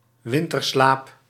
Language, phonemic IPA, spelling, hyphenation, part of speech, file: Dutch, /ˈʋɪn.tərˌslaːp/, winterslaap, win‧ter‧slaap, noun, Nl-winterslaap.ogg
- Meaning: hibernation